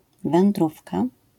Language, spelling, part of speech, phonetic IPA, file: Polish, wędrówka, noun, [vɛ̃nˈdrufka], LL-Q809 (pol)-wędrówka.wav